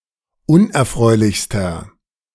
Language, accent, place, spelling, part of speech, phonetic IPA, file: German, Germany, Berlin, unerfreulichster, adjective, [ˈʊnʔɛɐ̯ˌfʁɔɪ̯lɪçstɐ], De-unerfreulichster.ogg
- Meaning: inflection of unerfreulich: 1. strong/mixed nominative masculine singular superlative degree 2. strong genitive/dative feminine singular superlative degree 3. strong genitive plural superlative degree